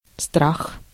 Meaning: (noun) 1. fear 2. risk, peril; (adverb) awfully
- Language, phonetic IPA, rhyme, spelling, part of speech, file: Russian, [strax], -ax, страх, noun / adverb, Ru-страх.ogg